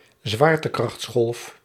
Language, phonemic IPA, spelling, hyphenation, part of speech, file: Dutch, /ˈzʋaːr.tə.krɑxtsˌxɔlf/, zwaartekrachtsgolf, zwaar‧te‧krachts‧golf, noun, Nl-zwaartekrachtsgolf.ogg
- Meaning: gravitational wave